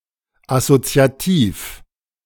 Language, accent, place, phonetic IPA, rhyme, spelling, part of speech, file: German, Germany, Berlin, [asot͡si̯aˈtiːf], -iːf, assoziativ, adjective, De-assoziativ.ogg
- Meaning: associative